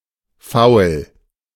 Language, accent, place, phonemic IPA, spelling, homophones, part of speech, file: German, Germany, Berlin, /faʊ̯l/, Foul, faul, noun, De-Foul.ogg
- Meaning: foul (breach of the rules of a game, especially one involving inappropriate contact with an opposing player in order to gain an advantage)